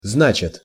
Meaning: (verb) third-person singular present indicative imperfective of зна́чить (znáčitʹ, “to mean”); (particle) so, then, well, therefore
- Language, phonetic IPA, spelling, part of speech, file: Russian, [ˈznat͡ɕɪt], значит, verb / particle, Ru-значит.ogg